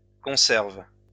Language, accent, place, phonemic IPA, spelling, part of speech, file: French, France, Lyon, /kɔ̃.sɛʁv/, conserves, verb, LL-Q150 (fra)-conserves.wav
- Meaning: 1. second-person singular present indicative of conserve 2. second-person singular present subjunctive of conserver